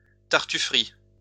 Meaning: hypocrisy
- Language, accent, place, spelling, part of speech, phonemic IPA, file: French, France, Lyon, tartuferie, noun, /taʁ.ty.fʁi/, LL-Q150 (fra)-tartuferie.wav